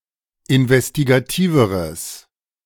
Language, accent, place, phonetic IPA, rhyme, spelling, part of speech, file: German, Germany, Berlin, [ɪnvɛstiɡaˈtiːvəʁəs], -iːvəʁəs, investigativeres, adjective, De-investigativeres.ogg
- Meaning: strong/mixed nominative/accusative neuter singular comparative degree of investigativ